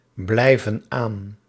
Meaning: inflection of aanblijven: 1. plural present indicative 2. plural present subjunctive
- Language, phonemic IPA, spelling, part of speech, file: Dutch, /ˈblɛivə(n) ˈan/, blijven aan, verb, Nl-blijven aan.ogg